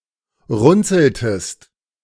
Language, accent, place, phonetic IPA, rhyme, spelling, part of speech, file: German, Germany, Berlin, [ˈʁʊnt͡sl̩təst], -ʊnt͡sl̩təst, runzeltest, verb, De-runzeltest.ogg
- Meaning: inflection of runzeln: 1. second-person singular preterite 2. second-person singular subjunctive II